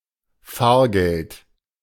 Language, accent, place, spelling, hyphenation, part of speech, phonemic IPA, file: German, Germany, Berlin, Fahrgeld, Fahr‧geld, noun, /ˈfaːɐ̯ˌɡɛlt/, De-Fahrgeld.ogg
- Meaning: fare